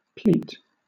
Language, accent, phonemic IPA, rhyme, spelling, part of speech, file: English, Southern England, /pliːt/, -iːt, pleat, noun / verb, LL-Q1860 (eng)-pleat.wav